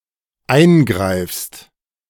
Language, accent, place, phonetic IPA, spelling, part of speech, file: German, Germany, Berlin, [ˈaɪ̯nˌɡʁaɪ̯fst], eingreifst, verb, De-eingreifst.ogg
- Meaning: second-person singular dependent present of eingreifen